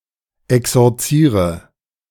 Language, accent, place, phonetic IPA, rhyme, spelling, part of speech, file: German, Germany, Berlin, [ɛksɔʁˈt͡siːʁə], -iːʁə, exorziere, verb, De-exorziere.ogg
- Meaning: inflection of exorzieren: 1. first-person singular present 2. first/third-person singular subjunctive I 3. singular imperative